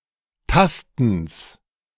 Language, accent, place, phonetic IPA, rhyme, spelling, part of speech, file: German, Germany, Berlin, [ˈtastn̩s], -astn̩s, Tastens, noun, De-Tastens.ogg
- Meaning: genitive of Tasten